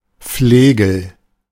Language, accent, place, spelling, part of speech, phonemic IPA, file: German, Germany, Berlin, Flegel, noun, /ˈfleːɡl̩/, De-Flegel.ogg
- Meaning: 1. flail (historical weapon and agricultural implement) 2. lout, yob